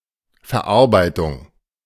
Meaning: 1. processing 2. workmanship, craftmanship 3. finish, finishing 4. digestion
- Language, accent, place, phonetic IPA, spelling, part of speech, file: German, Germany, Berlin, [fɛɐ̯ˈʔaʁbaɪ̯tʊŋ], Verarbeitung, noun, De-Verarbeitung.ogg